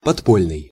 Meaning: underground
- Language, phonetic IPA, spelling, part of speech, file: Russian, [pɐtˈpolʲnɨj], подпольный, adjective, Ru-подпольный.ogg